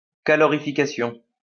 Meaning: calorification
- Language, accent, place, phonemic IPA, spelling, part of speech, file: French, France, Lyon, /ka.lɔ.ʁi.fi.ka.sjɔ̃/, calorification, noun, LL-Q150 (fra)-calorification.wav